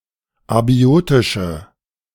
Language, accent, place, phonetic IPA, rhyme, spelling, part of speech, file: German, Germany, Berlin, [aˈbi̯oːtɪʃə], -oːtɪʃə, abiotische, adjective, De-abiotische.ogg
- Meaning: inflection of abiotisch: 1. strong/mixed nominative/accusative feminine singular 2. strong nominative/accusative plural 3. weak nominative all-gender singular